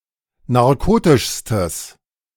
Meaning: strong/mixed nominative/accusative neuter singular superlative degree of narkotisch
- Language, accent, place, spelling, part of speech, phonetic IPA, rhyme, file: German, Germany, Berlin, narkotischstes, adjective, [naʁˈkoːtɪʃstəs], -oːtɪʃstəs, De-narkotischstes.ogg